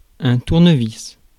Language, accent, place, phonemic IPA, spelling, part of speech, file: French, France, Paris, /tuʁ.nə.vis/, tournevis, noun, Fr-tournevis.ogg
- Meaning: screwdriver